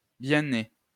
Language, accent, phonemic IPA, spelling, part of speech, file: French, France, /bjɛ̃ ne/, bien né, adjective, LL-Q150 (fra)-bien né.wav
- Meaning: noble, highborn, well-born